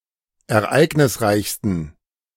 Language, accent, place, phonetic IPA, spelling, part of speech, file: German, Germany, Berlin, [ɛɐ̯ˈʔaɪ̯ɡnɪsˌʁaɪ̯çstn̩], ereignisreichsten, adjective, De-ereignisreichsten.ogg
- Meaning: 1. superlative degree of ereignisreich 2. inflection of ereignisreich: strong genitive masculine/neuter singular superlative degree